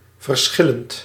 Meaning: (adjective) 1. different 2. various; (verb) present participle of verschillen
- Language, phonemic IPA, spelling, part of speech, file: Dutch, /vərˈsxɪ.lənt/, verschillend, adjective / verb, Nl-verschillend.ogg